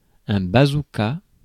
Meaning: bazooka (rocket launcher)
- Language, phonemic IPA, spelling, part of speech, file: French, /ba.zu.ka/, bazooka, noun, Fr-bazooka.ogg